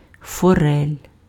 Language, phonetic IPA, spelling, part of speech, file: Ukrainian, [fɔˈrɛlʲ], форель, noun, Uk-форель.ogg
- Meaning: trout